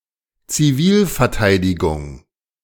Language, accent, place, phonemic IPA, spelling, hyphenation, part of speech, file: German, Germany, Berlin, /t͡siˈviːlfɛɐ̯ˌtaɪ̯dɪɡʊŋ/, Zivilverteidigung, Zi‧vil‧ver‧tei‧di‧gung, noun, De-Zivilverteidigung.ogg
- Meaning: civil defense